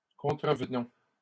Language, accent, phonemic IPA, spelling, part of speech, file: French, Canada, /kɔ̃.tʁə.v(ə).nɔ̃/, contrevenons, verb, LL-Q150 (fra)-contrevenons.wav
- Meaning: inflection of contrevenir: 1. first-person plural present indicative 2. first-person plural imperative